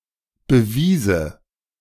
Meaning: first/third-person singular subjunctive II of beweisen
- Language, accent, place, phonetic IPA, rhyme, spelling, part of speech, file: German, Germany, Berlin, [bəˈviːzə], -iːzə, bewiese, verb, De-bewiese.ogg